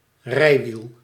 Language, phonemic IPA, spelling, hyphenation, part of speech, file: Dutch, /ˈrɛi̯.ʋil/, rijwiel, rij‧wiel, noun, Nl-rijwiel.ogg
- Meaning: bicycle